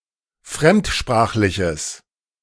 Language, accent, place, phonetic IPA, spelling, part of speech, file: German, Germany, Berlin, [ˈfʁɛmtˌʃpʁaːxlɪçəs], fremdsprachliches, adjective, De-fremdsprachliches.ogg
- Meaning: strong/mixed nominative/accusative neuter singular of fremdsprachlich